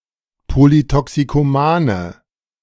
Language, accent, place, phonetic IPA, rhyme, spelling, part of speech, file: German, Germany, Berlin, [ˌpolitɔksikoˈmaːnə], -aːnə, polytoxikomane, adjective, De-polytoxikomane.ogg
- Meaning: inflection of polytoxikoman: 1. strong/mixed nominative/accusative feminine singular 2. strong nominative/accusative plural 3. weak nominative all-gender singular